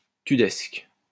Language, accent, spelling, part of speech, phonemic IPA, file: French, France, tudesque, adjective, /ty.dɛsk/, LL-Q150 (fra)-tudesque.wav
- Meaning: Germanic, Teutonic